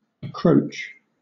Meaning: 1. To hook, or draw to oneself as with a hook 2. To usurp, as jurisdiction or royal prerogatives 3. To encroach
- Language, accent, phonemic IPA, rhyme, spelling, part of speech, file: English, Southern England, /əˈkɹəʊtʃ/, -əʊtʃ, accroach, verb, LL-Q1860 (eng)-accroach.wav